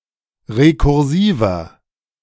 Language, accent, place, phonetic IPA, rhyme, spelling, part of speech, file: German, Germany, Berlin, [ʁekʊʁˈziːvɐ], -iːvɐ, rekursiver, adjective, De-rekursiver.ogg
- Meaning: inflection of rekursiv: 1. strong/mixed nominative masculine singular 2. strong genitive/dative feminine singular 3. strong genitive plural